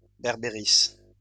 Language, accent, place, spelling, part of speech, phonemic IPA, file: French, France, Lyon, berbéris, noun, /bɛʁ.be.ʁi/, LL-Q150 (fra)-berbéris.wav
- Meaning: barberry